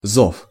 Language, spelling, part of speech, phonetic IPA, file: Russian, зов, noun, [zof], Ru-зов.ogg
- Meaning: 1. call, summons (words calling someone somewhere) 2. invitation